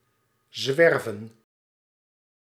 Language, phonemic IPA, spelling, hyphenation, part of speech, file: Dutch, /ˈzʋɛr.və(n)/, zwerven, zwer‧ven, verb, Nl-zwerven.ogg
- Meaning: to wander, to roam